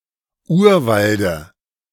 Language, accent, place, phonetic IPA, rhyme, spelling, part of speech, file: German, Germany, Berlin, [ˈuːɐ̯ˌvaldə], -uːɐ̯valdə, Urwalde, noun, De-Urwalde.ogg
- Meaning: dative of Urwald